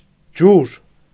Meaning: water
- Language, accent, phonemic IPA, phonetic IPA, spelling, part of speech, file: Armenian, Eastern Armenian, /d͡ʒuɾ/, [d͡ʒuɾ], ջուր, noun, Hy-ջուր.ogg